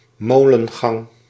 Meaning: an array of polder windmills, usually placed in a row, that operate in concert
- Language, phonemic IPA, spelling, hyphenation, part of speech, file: Dutch, /ˈmoː.lə(n)ˌɣɑŋ/, molengang, mo‧len‧gang, noun, Nl-molengang.ogg